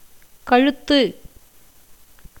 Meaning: 1. neck (the part of the body connecting the head and the trunk found in humans and some animals) 2. throat 3. neck (of certain kinds of pots), (of a shirt) collar
- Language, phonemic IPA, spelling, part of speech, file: Tamil, /kɐɻʊt̪ːɯ/, கழுத்து, noun, Ta-கழுத்து.ogg